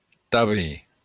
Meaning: also; as well
- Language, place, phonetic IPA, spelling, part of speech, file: Occitan, Béarn, [ta.be], tanben, adverb, LL-Q14185 (oci)-tanben.wav